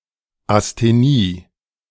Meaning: asthenia
- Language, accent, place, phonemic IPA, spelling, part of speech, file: German, Germany, Berlin, /asteˈniː/, Asthenie, noun, De-Asthenie.ogg